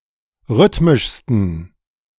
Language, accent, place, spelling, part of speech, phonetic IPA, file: German, Germany, Berlin, rhythmischsten, adjective, [ˈʁʏtmɪʃstn̩], De-rhythmischsten.ogg
- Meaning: 1. superlative degree of rhythmisch 2. inflection of rhythmisch: strong genitive masculine/neuter singular superlative degree